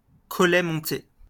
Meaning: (verb) past participle of monter; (adjective) hung
- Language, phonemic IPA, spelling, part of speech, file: French, /mɔ̃.te/, monté, verb / adjective, LL-Q150 (fra)-monté.wav